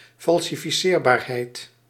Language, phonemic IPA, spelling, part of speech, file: Dutch, /ˌfɑl.sɪ.ˈfjɛr.baːr.ˌɦɛi̯t/, falsifieerbaarheid, noun, Nl-falsifieerbaarheid.ogg
- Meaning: falsifiability